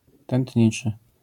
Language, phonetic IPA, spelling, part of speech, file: Polish, [tɛ̃ntʲˈɲit͡ʃɨ], tętniczy, adjective, LL-Q809 (pol)-tętniczy.wav